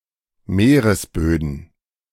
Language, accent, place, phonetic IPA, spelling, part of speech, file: German, Germany, Berlin, [ˈmeːʁəsˌbøːdn̩], Meeresböden, noun, De-Meeresböden.ogg
- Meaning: plural of Meeresboden